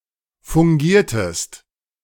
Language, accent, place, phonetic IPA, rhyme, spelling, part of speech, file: German, Germany, Berlin, [fʊŋˈɡiːɐ̯təst], -iːɐ̯təst, fungiertest, verb, De-fungiertest.ogg
- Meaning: inflection of fungieren: 1. second-person singular preterite 2. second-person singular subjunctive II